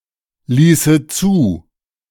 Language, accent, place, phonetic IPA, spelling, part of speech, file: German, Germany, Berlin, [ˌliːsə ˈt͡suː], ließe zu, verb, De-ließe zu.ogg
- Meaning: first/third-person singular subjunctive II of zulassen